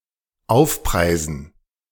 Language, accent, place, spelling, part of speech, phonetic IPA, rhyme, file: German, Germany, Berlin, Aufpreisen, noun, [ˈaʊ̯fˌpʁaɪ̯zn̩], -aʊ̯fpʁaɪ̯zn̩, De-Aufpreisen.ogg
- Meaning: dative plural of Aufpreis